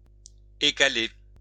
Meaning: to peel, to pare (nuts, shell, egg etc)
- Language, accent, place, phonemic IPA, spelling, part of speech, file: French, France, Lyon, /e.ka.le/, écaler, verb, LL-Q150 (fra)-écaler.wav